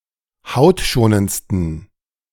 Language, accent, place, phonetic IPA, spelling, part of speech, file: German, Germany, Berlin, [ˈhaʊ̯tˌʃoːnənt͡stn̩], hautschonendsten, adjective, De-hautschonendsten.ogg
- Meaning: 1. superlative degree of hautschonend 2. inflection of hautschonend: strong genitive masculine/neuter singular superlative degree